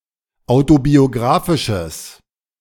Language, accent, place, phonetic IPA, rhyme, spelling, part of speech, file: German, Germany, Berlin, [ˌaʊ̯tobioˈɡʁaːfɪʃəs], -aːfɪʃəs, autobiografisches, adjective, De-autobiografisches.ogg
- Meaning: strong/mixed nominative/accusative neuter singular of autobiografisch